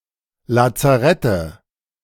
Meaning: nominative/accusative/genitive plural of Lazarett
- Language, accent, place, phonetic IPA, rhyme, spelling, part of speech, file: German, Germany, Berlin, [lat͡saˈʁɛtə], -ɛtə, Lazarette, noun, De-Lazarette.ogg